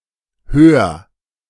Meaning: singular imperative of hören
- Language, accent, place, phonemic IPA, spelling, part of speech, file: German, Germany, Berlin, /høːr/, hör, verb, De-hör.ogg